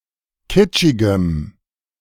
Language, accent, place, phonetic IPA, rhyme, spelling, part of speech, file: German, Germany, Berlin, [ˈkɪt͡ʃɪɡəm], -ɪt͡ʃɪɡəm, kitschigem, adjective, De-kitschigem.ogg
- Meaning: strong dative masculine/neuter singular of kitschig